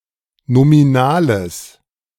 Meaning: strong/mixed nominative/accusative neuter singular of nominal
- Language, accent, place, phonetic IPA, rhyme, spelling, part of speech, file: German, Germany, Berlin, [nomiˈnaːləs], -aːləs, nominales, adjective, De-nominales.ogg